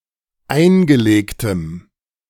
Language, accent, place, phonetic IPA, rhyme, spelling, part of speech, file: German, Germany, Berlin, [ˈaɪ̯nɡəˌleːktəm], -aɪ̯nɡəleːktəm, eingelegtem, adjective, De-eingelegtem.ogg
- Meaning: strong dative masculine/neuter singular of eingelegt